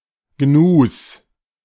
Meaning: 1. genitive singular of Gnu 2. plural of Gnu
- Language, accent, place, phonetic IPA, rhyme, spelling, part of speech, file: German, Germany, Berlin, [ɡnuːs], -uːs, Gnus, noun, De-Gnus.ogg